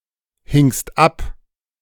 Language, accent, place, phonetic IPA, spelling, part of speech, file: German, Germany, Berlin, [ˌhɪŋst ˈap], hingst ab, verb, De-hingst ab.ogg
- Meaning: second-person singular preterite of abhängen